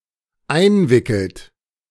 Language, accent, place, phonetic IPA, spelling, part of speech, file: German, Germany, Berlin, [ˈaɪ̯nˌvɪkl̩t], einwickelt, verb, De-einwickelt.ogg
- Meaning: inflection of einwickeln: 1. third-person singular dependent present 2. second-person plural dependent present